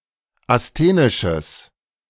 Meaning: strong/mixed nominative/accusative neuter singular of asthenisch
- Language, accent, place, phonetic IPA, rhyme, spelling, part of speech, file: German, Germany, Berlin, [asˈteːnɪʃəs], -eːnɪʃəs, asthenisches, adjective, De-asthenisches.ogg